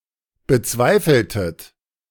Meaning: inflection of bezweifeln: 1. second-person plural preterite 2. second-person plural subjunctive II
- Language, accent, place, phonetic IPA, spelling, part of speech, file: German, Germany, Berlin, [bəˈt͡svaɪ̯fl̩tət], bezweifeltet, verb, De-bezweifeltet.ogg